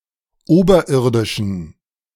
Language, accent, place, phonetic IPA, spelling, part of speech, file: German, Germany, Berlin, [ˈoːbɐˌʔɪʁdɪʃn̩], oberirdischen, adjective, De-oberirdischen.ogg
- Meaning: inflection of oberirdisch: 1. strong genitive masculine/neuter singular 2. weak/mixed genitive/dative all-gender singular 3. strong/weak/mixed accusative masculine singular 4. strong dative plural